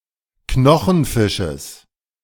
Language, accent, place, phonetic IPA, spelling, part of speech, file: German, Germany, Berlin, [ˈknɔxn̩ˌfɪʃəs], Knochenfisches, noun, De-Knochenfisches.ogg
- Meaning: genitive singular of Knochenfisch